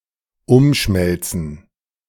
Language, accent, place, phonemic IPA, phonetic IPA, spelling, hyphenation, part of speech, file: German, Germany, Berlin, /ˈʊmˌʃmɛlt͡sən/, [ˈʊmˌʃmɛlt͡sn̩], umschmelzen, um‧schmel‧zen, verb, De-umschmelzen.ogg
- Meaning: to remelt, recast